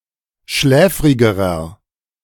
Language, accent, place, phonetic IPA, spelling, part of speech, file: German, Germany, Berlin, [ˈʃlɛːfʁɪɡəʁɐ], schläfrigerer, adjective, De-schläfrigerer.ogg
- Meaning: inflection of schläfrig: 1. strong/mixed nominative masculine singular comparative degree 2. strong genitive/dative feminine singular comparative degree 3. strong genitive plural comparative degree